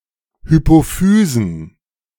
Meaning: plural of Hypophyse
- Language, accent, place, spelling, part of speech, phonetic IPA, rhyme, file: German, Germany, Berlin, Hypophysen, noun, [hypoˈfyːzn̩], -yːzn̩, De-Hypophysen.ogg